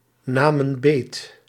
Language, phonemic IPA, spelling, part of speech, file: Dutch, /ˈnamə(n) ˈbet/, namen beet, verb, Nl-namen beet.ogg
- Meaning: inflection of beetnemen: 1. plural past indicative 2. plural past subjunctive